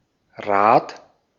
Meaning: 1. wheel 2. cartwheel 3. clipping of Fahrrad; bicycle
- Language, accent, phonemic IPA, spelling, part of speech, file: German, Austria, /ʁaːt/, Rad, noun, De-at-Rad.ogg